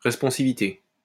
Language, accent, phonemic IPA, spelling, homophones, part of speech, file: French, France, /ʁɛs.pɔ̃.si.vi.te/, responsivité, responsivités, noun, LL-Q150 (fra)-responsivité.wav
- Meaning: responsivity